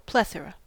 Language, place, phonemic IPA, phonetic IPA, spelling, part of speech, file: English, California, /ˈplɛθəɹə/, [ˈplɛθɹə], plethora, noun, En-us-plethora.ogg
- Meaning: 1. An excessive amount or number; an abundance 2. Excess of blood in the skin, especially in the face and especially chronically